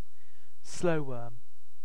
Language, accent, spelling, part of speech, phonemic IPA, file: English, UK, slowworm, noun, /ˈsləʊwɜː(ɹ)m/, En-uk-slowworm.ogg
- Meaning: A small Old World lizard, Anguis fragilis, often mistaken for a snake, having no legs and small eyes